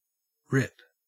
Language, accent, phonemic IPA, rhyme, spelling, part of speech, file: English, Australia, /ɹɪp/, -ɪp, rip, verb / noun / interjection, En-au-rip.ogg
- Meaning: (verb) 1. To divide or separate the parts of (especially something flimsy, such as paper or fabric), by cutting or tearing; to tear off or out by violence 2. To tear apart; to rapidly become two parts